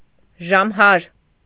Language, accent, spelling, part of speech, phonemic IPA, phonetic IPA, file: Armenian, Eastern Armenian, ժամհար, noun, /ʒɑmˈhɑɾ/, [ʒɑmhɑ́ɾ], Hy-ժամհար.ogg
- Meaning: bell ringer